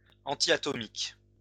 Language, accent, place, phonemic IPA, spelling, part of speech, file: French, France, Lyon, /ɑ̃.ti.a.tɔ.mik/, antiatomique, adjective, LL-Q150 (fra)-antiatomique.wav
- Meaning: antiatomic (protecting against such radiation)